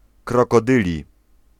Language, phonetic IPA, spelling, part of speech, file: Polish, [ˌkrɔkɔˈdɨlʲi], krokodyli, adjective / noun, Pl-krokodyli.ogg